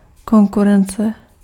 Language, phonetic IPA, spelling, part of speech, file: Czech, [ˈkoŋkurɛnt͡sɛ], konkurence, noun, Cs-konkurence.ogg
- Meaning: competition